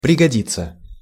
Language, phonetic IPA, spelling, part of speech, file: Russian, [prʲɪɡɐˈdʲit͡sːə], пригодиться, verb, Ru-пригодиться.ogg
- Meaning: to come in handy, to prove useful